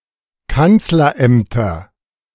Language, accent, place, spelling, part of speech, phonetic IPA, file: German, Germany, Berlin, Kanzlerämter, noun, [ˈkant͡slɐˌʔɛmtɐ], De-Kanzlerämter.ogg
- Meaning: nominative/accusative/genitive plural of Kanzleramt